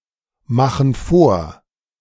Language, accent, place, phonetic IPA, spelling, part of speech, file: German, Germany, Berlin, [ˌmaxn̩ ˈfoːɐ̯], machen vor, verb, De-machen vor.ogg
- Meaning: inflection of vormachen: 1. first/third-person plural present 2. first/third-person plural subjunctive I